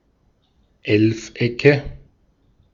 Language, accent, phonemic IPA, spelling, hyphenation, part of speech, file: German, Austria, /ˈɛlfˌ.ɛkə/, Elfecke, Elf‧ecke, noun, De-at-Elfecke.ogg
- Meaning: nominative/accusative/genitive plural of Elfeck